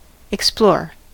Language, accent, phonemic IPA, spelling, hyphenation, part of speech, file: English, US, /ɪkˈsploɹ/, explore, ex‧plore, verb / noun, En-us-explore.ogg
- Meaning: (verb) 1. To seek for something or after someone 2. To examine or investigate something systematically 3. To travel somewhere in search of discovery 4. To examine diagnostically